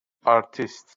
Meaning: actor, performer
- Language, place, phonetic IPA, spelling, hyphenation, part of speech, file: Azerbaijani, Baku, [ɑɾˈtis], artist, ar‧tist, noun, LL-Q9292 (aze)-artist.wav